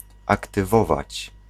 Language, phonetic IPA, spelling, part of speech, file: Polish, [ˌaktɨˈvɔvat͡ɕ], aktywować, verb, Pl-aktywować.ogg